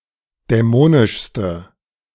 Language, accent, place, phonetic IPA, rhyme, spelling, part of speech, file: German, Germany, Berlin, [dɛˈmoːnɪʃstə], -oːnɪʃstə, dämonischste, adjective, De-dämonischste.ogg
- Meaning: inflection of dämonisch: 1. strong/mixed nominative/accusative feminine singular superlative degree 2. strong nominative/accusative plural superlative degree